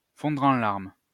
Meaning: to burst into tears
- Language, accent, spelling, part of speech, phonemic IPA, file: French, France, fondre en larmes, verb, /fɔ̃.dʁ‿ɑ̃ laʁm/, LL-Q150 (fra)-fondre en larmes.wav